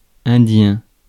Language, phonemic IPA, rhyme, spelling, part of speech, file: French, /ɛ̃.djɛ̃/, -ɛ̃, indien, adjective / noun, Fr-indien.ogg
- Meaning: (adjective) 1. Indian (of, from or relating to India) 2. Indian (related to Amerinds); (noun) Indian (Amerind)